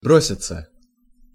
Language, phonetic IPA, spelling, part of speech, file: Russian, [ˈbrosʲɪt͡sə], броситься, verb, Ru-броситься.ogg
- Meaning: 1. to fling (oneself), to throw oneself on, to dash, to rush 2. to jump down 3. passive of бро́сить (brósitʹ)